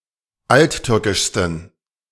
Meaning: 1. superlative degree of alttürkisch 2. inflection of alttürkisch: strong genitive masculine/neuter singular superlative degree
- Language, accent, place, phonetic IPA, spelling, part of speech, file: German, Germany, Berlin, [ˈaltˌtʏʁkɪʃstn̩], alttürkischsten, adjective, De-alttürkischsten.ogg